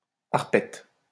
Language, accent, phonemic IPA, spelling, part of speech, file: French, France, /aʁ.pɛt/, arpète, noun, LL-Q150 (fra)-arpète.wav
- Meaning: apprentice (or worker who does odd jobs)